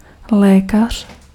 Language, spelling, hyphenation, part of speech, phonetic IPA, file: Czech, lékař, lé‧kař, noun, [ˈlɛːkar̝̊], Cs-lékař.ogg
- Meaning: physician, doctor